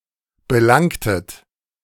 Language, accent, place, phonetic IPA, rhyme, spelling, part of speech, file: German, Germany, Berlin, [bəˈlaŋtət], -aŋtət, belangtet, verb, De-belangtet.ogg
- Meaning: inflection of belangen: 1. second-person plural preterite 2. second-person plural subjunctive II